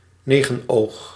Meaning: 1. lamprey, fish of the order Petromyzontiformes 2. carbuncle (purulent abscess) 3. a type of traffic light
- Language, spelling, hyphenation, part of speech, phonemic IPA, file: Dutch, negenoog, ne‧gen‧oog, noun, /ˈneː.ɣə(n)ˌoːx/, Nl-negenoog.ogg